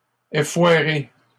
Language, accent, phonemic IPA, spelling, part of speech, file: French, Canada, /e.fwa.ʁe/, effoirer, verb, LL-Q150 (fra)-effoirer.wav
- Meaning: 1. to flatten as a result of a fall or crash 2. to fail 3. to lie down unceremoniously